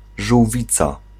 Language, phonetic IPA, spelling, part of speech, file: Polish, [ʒuwˈvʲit͡sa], żółwica, noun, Pl-żółwica.ogg